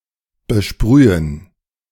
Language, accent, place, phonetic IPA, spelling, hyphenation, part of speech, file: German, Germany, Berlin, [bəˈʃpʁyːən], besprühen, be‧sprü‧hen, verb, De-besprühen.ogg
- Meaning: to shower